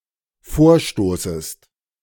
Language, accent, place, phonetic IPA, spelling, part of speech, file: German, Germany, Berlin, [ˈfoːɐ̯ˌʃtoːsəst], vorstoßest, verb, De-vorstoßest.ogg
- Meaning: second-person singular dependent subjunctive I of vorstoßen